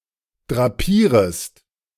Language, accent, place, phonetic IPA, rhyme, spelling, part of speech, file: German, Germany, Berlin, [dʁaˈpiːʁəst], -iːʁəst, drapierest, verb, De-drapierest.ogg
- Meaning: second-person singular subjunctive I of drapieren